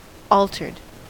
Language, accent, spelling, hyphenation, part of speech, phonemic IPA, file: English, US, altered, al‧tered, verb / noun / adjective, /ˈɔl.tɚd/, En-us-altered.ogg
- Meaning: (verb) simple past and past participle of alter; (noun) A kind of car in drag racing, usually with a partial body situated behind the exposed engine